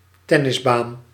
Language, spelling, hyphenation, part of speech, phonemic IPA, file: Dutch, tennisbaan, ten‧nis‧baan, noun, /ˈtɛ.nəsˌbaːn/, Nl-tennisbaan.ogg
- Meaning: tennis court